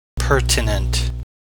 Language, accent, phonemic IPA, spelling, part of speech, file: English, US, /ˈpɚtɪnənt/, pertinent, noun / adjective, En-us-pertinent.ogg
- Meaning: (noun) A right that attaches to land, in Scots law; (adjective) Important with regard to (a subject or matter); pertaining; relevant